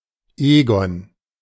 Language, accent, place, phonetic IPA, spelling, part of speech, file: German, Germany, Berlin, [ˈeːɡɔn], Egon, proper noun, De-Egon.ogg
- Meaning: a male given name